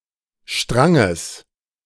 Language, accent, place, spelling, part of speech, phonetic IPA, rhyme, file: German, Germany, Berlin, Stranges, noun, [ˈʃtʁaŋəs], -aŋəs, De-Stranges.ogg
- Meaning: genitive singular of Strang